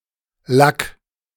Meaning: 1. imperative singular of lacken 2. first-person singular present of lacken
- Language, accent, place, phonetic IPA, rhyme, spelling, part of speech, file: German, Germany, Berlin, [lak], -ak, lack, verb, De-lack.ogg